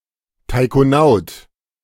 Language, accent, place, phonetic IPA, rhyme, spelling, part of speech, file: German, Germany, Berlin, [taɪ̯koˈnaʊ̯t], -aʊ̯t, Taikonaut, noun, De-Taikonaut.ogg
- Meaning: taikonaut (Chinese astronaut)